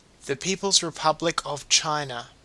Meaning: Official name of China: a country in East Asia
- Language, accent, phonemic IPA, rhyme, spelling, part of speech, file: English, Australia, /ˈpiːpəlz ɹɪˈpʌblɪk əv ˈt͡ʃaɪnə/, -aɪnə, People's Republic of China, proper noun, En-au-People's Republic of China.ogg